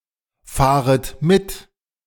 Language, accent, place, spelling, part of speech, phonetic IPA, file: German, Germany, Berlin, fahret mit, verb, [ˌfaːʁət ˈmɪt], De-fahret mit.ogg
- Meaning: second-person plural subjunctive I of mitfahren